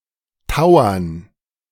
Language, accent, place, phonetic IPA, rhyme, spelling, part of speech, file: German, Germany, Berlin, [ˈtaʊ̯ɐn], -aʊ̯ɐn, Tauern, proper noun, De-Tauern.ogg
- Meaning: 1. name of several high mountain passes in the Austrian Central Alps 2. name of several mountain ranges in the Austrian Central Alps, such as High Tauern and Ossiach Tauern